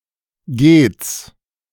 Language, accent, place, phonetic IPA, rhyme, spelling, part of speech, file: German, Germany, Berlin, [ɡeːt͡s], -eːt͡s, gehts, abbreviation, De-gehts.ogg
- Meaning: alternative spelling of geht's